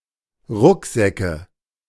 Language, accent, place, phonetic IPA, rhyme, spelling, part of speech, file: German, Germany, Berlin, [ˈʁʊkˌzɛkə], -ʊkzɛkə, Rucksäcke, noun, De-Rucksäcke.ogg
- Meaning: nominative/accusative/genitive plural of Rucksack